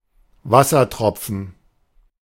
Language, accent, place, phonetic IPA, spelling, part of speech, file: German, Germany, Berlin, [ˈvasɐˌtʁɔp͡fn̩], Wassertropfen, noun, De-Wassertropfen.ogg
- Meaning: waterdrop